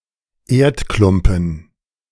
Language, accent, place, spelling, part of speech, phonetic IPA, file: German, Germany, Berlin, Erdklumpen, noun, [ˈeːɐ̯tˌklʊmpn̩], De-Erdklumpen.ogg
- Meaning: clod